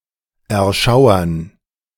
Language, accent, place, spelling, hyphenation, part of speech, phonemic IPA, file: German, Germany, Berlin, erschauern, er‧schau‧ern, verb, /ɛʁˈʃaʊ̯ɐn/, De-erschauern.ogg
- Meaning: to shiver, to tremble, to thrill, to cower (with fear)